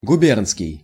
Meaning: guberniya, province (prerevolutionary); provincial
- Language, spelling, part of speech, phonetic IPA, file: Russian, губернский, adjective, [ɡʊˈbʲernskʲɪj], Ru-губернский.ogg